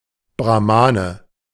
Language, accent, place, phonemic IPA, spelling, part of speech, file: German, Germany, Berlin, /bʁa(x)ˈmaːnə/, Brahmane, noun, De-Brahmane.ogg
- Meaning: Brahmin